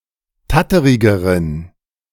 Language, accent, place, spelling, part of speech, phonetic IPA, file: German, Germany, Berlin, tatterigeren, adjective, [ˈtatəʁɪɡəʁən], De-tatterigeren.ogg
- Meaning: inflection of tatterig: 1. strong genitive masculine/neuter singular comparative degree 2. weak/mixed genitive/dative all-gender singular comparative degree